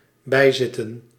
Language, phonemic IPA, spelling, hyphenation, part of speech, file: Dutch, /ˈbɛi̯ˌzɪ.tə(n)/, bijzitten, bij‧zit‧ten, verb / noun, Nl-bijzitten.ogg
- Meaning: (verb) 1. to sit along, to sit nearby 2. to attend 3. to be a concubine; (noun) plural of bijzit